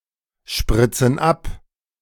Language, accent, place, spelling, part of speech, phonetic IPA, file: German, Germany, Berlin, spritzen ab, verb, [ˌʃpʁɪt͡sn̩ ˈap], De-spritzen ab.ogg
- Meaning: inflection of abspritzen: 1. first/third-person plural present 2. first/third-person plural subjunctive I